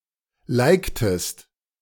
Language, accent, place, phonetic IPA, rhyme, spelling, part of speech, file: German, Germany, Berlin, [ˈlaɪ̯ktəst], -aɪ̯ktəst, liktest, verb, De-liktest.ogg
- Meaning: inflection of liken: 1. second-person singular preterite 2. second-person singular subjunctive II